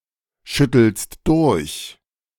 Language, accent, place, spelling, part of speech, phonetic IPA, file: German, Germany, Berlin, schüttelst durch, verb, [ˌʃʏtl̩st ˈdʊʁç], De-schüttelst durch.ogg
- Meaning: second-person singular present of durchschütteln